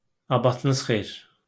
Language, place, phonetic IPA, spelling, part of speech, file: Azerbaijani, Baku, [ɑbɑtɯˈ(nɯ)z χe(j)ir], abatınız xeyir, interjection, LL-Q9292 (aze)-abatınız xeyir.wav
- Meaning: hello (to several referents or polite)